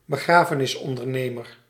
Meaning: a funeral director, an undertaker
- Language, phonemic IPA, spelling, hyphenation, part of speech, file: Dutch, /bəˈɣraː.fə.nɪs.ɔn.dərˌneː.mər/, begrafenisondernemer, be‧gra‧fe‧nis‧on‧der‧ne‧mer, noun, Nl-begrafenisondernemer.ogg